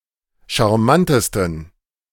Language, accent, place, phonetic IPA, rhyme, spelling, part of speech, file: German, Germany, Berlin, [ʃaʁˈmantəstn̩], -antəstn̩, charmantesten, adjective, De-charmantesten.ogg
- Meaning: 1. superlative degree of charmant 2. inflection of charmant: strong genitive masculine/neuter singular superlative degree